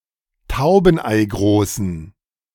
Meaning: inflection of taubeneigroß: 1. strong genitive masculine/neuter singular 2. weak/mixed genitive/dative all-gender singular 3. strong/weak/mixed accusative masculine singular 4. strong dative plural
- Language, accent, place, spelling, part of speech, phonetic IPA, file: German, Germany, Berlin, taubeneigroßen, adjective, [ˈtaʊ̯bn̩ʔaɪ̯ˌɡʁoːsn̩], De-taubeneigroßen.ogg